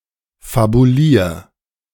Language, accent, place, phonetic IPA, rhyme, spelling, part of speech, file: German, Germany, Berlin, [fabuˈliːɐ̯], -iːɐ̯, fabulier, verb, De-fabulier.ogg
- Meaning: 1. singular imperative of fabulieren 2. first-person singular present of fabulieren